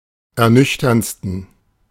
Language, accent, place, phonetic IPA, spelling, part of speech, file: German, Germany, Berlin, [ɛɐ̯ˈnʏçtɐnt͡stn̩], ernüchterndsten, adjective, De-ernüchterndsten.ogg
- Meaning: 1. superlative degree of ernüchternd 2. inflection of ernüchternd: strong genitive masculine/neuter singular superlative degree